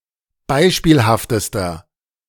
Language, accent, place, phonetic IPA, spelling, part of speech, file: German, Germany, Berlin, [ˈbaɪ̯ʃpiːlhaftəstɐ], beispielhaftester, adjective, De-beispielhaftester.ogg
- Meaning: inflection of beispielhaft: 1. strong/mixed nominative masculine singular superlative degree 2. strong genitive/dative feminine singular superlative degree 3. strong genitive plural superlative degree